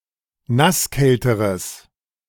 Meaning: strong/mixed nominative/accusative neuter singular comparative degree of nasskalt
- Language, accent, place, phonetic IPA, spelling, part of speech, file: German, Germany, Berlin, [ˈnasˌkɛltəʁəs], nasskälteres, adjective, De-nasskälteres.ogg